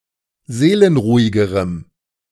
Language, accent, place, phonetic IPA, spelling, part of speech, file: German, Germany, Berlin, [ˈzeːlənˌʁuːɪɡəʁəm], seelenruhigerem, adjective, De-seelenruhigerem.ogg
- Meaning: strong dative masculine/neuter singular comparative degree of seelenruhig